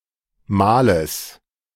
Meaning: genitive singular of Mahl
- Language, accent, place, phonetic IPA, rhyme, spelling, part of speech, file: German, Germany, Berlin, [ˈmaːləs], -aːləs, Mahles, noun, De-Mahles.ogg